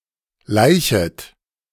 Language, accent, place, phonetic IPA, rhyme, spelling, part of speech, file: German, Germany, Berlin, [ˈlaɪ̯çət], -aɪ̯çət, laichet, verb, De-laichet.ogg
- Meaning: second-person plural subjunctive I of laichen